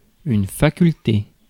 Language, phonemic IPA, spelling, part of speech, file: French, /fa.kyl.te/, faculté, noun, Fr-faculté.ogg
- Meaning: 1. capacity; ability 2. faculty 3. financial resources; assets; property 4. department (of a university) 5. a university